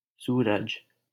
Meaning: 1. Sun 2. a male given name, Suraj, from Sanskrit
- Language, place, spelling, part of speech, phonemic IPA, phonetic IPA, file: Hindi, Delhi, सूरज, proper noun, /suː.ɾəd͡ʒ/, [suː.ɾɐd͡ʒ], LL-Q1568 (hin)-सूरज.wav